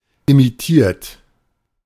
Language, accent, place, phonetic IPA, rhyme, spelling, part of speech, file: German, Germany, Berlin, [imiˈtiːɐ̯t], -iːɐ̯t, imitiert, verb, De-imitiert.ogg
- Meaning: 1. past participle of imitieren 2. inflection of imitieren: third-person singular present 3. inflection of imitieren: second-person plural present 4. inflection of imitieren: plural imperative